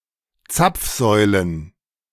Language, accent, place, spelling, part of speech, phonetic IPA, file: German, Germany, Berlin, Zapfsäulen, noun, [ˈt͡sap͡fˌzɔɪ̯lən], De-Zapfsäulen.ogg
- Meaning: plural of Zapfsäule